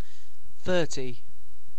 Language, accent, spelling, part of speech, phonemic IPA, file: English, UK, thirty, numeral / noun, /ˈθɜːti/, En-uk-thirty.ogg
- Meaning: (numeral) The cardinal number occurring after twenty-nine and before thirty-one, represented in Arabic numerals as 30; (noun) 1. A rack of thirty beers 2. A commercial lasting 30 seconds